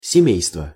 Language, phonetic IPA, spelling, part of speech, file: Russian, [sʲɪˈmʲejstvə], семейство, noun, Ru-семейство.ogg
- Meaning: 1. family, household 2. family